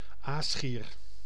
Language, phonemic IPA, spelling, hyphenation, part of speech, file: Dutch, /ˈaːs.xiːr/, aasgier, aas‧gier, noun, Nl-aasgier.ogg
- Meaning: 1. Egyptian vulture (Neophron percnopterus) 2. any vulture, especially one whose diet consists of carrion 3. a vulture, a person who profits from the suffering of others